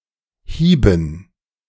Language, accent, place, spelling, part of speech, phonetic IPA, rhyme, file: German, Germany, Berlin, Hieben, noun, [ˈhiːbn̩], -iːbn̩, De-Hieben.ogg
- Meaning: dative plural of Hieb